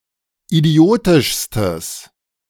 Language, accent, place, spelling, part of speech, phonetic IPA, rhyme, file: German, Germany, Berlin, idiotischstes, adjective, [iˈdi̯oːtɪʃstəs], -oːtɪʃstəs, De-idiotischstes.ogg
- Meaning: strong/mixed nominative/accusative neuter singular superlative degree of idiotisch